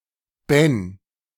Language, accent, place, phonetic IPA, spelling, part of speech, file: German, Germany, Berlin, [bɛn], Ben, proper noun, De-Ben.ogg
- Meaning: a diminutive of the male given name Benjamin